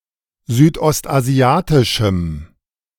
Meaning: strong dative masculine/neuter singular of südostasiatisch
- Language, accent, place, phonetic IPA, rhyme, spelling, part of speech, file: German, Germany, Berlin, [zyːtʔɔstʔaˈzi̯aːtɪʃm̩], -aːtɪʃm̩, südostasiatischem, adjective, De-südostasiatischem.ogg